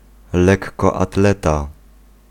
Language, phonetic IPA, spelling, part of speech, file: Polish, [ˌlɛkːɔaˈtlɛta], lekkoatleta, noun, Pl-lekkoatleta.ogg